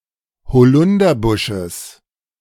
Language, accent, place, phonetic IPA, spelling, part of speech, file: German, Germany, Berlin, [hoˈlʊndɐˌbʊʃəs], Holunderbusches, noun, De-Holunderbusches.ogg
- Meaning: genitive singular of Holunderbusch